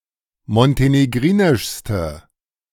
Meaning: inflection of montenegrinisch: 1. strong/mixed nominative/accusative feminine singular superlative degree 2. strong nominative/accusative plural superlative degree
- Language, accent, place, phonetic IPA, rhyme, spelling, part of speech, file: German, Germany, Berlin, [mɔnteneˈɡʁiːnɪʃstə], -iːnɪʃstə, montenegrinischste, adjective, De-montenegrinischste.ogg